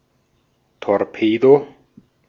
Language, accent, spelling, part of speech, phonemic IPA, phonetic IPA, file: German, Austria, Torpedo, noun, /tɔʁˈpeːdo/, [tʰɔʁˈpʰeːdo], De-at-Torpedo.ogg
- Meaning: 1. torpedo (weapon) 2. torpedo (fish)